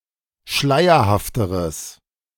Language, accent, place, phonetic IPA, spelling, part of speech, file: German, Germany, Berlin, [ˈʃlaɪ̯ɐhaftəʁəs], schleierhafteres, adjective, De-schleierhafteres.ogg
- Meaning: strong/mixed nominative/accusative neuter singular comparative degree of schleierhaft